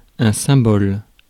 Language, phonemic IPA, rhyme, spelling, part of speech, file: French, /sɛ̃.bɔl/, -ɔl, symbole, noun, Fr-symbole.ogg
- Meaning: symbol (all meanings)